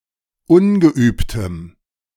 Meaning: strong dative masculine/neuter singular of ungeübt
- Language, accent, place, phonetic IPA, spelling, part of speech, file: German, Germany, Berlin, [ˈʊnɡəˌʔyːptəm], ungeübtem, adjective, De-ungeübtem.ogg